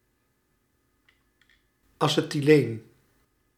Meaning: acetylene
- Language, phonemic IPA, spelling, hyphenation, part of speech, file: Dutch, /ˌɑ.sə.tiˈleːn/, acetyleen, ace‧ty‧leen, noun, Nl-acetyleen.ogg